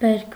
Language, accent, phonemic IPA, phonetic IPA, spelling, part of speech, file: Armenian, Eastern Armenian, /beɾkʰ/, [beɾkʰ], բերք, noun, Hy-բերք.ogg
- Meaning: harvest, yield, crop